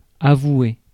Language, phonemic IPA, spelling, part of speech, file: French, /a.vwe/, avouer, verb, Fr-avouer.ogg
- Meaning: 1. to avow 2. to confess 3. to approve